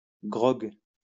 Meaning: grog (alcoholic beverage)
- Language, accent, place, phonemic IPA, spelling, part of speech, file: French, France, Lyon, /ɡʁɔɡ/, grogue, noun, LL-Q150 (fra)-grogue.wav